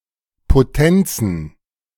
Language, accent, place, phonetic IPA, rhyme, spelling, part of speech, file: German, Germany, Berlin, [ˌpoˈtɛnt͡sn̩], -ɛnt͡sn̩, Potenzen, noun, De-Potenzen.ogg
- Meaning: plural of Potenz